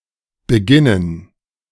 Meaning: gerund of beginnen
- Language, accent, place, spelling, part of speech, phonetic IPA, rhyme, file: German, Germany, Berlin, Beginnen, noun, [bəˈɡɪnən], -ɪnən, De-Beginnen.ogg